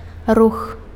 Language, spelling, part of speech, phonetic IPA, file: Belarusian, рух, noun, [rux], Be-рух.ogg
- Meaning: 1. movement 2. motion 3. move 4. traffic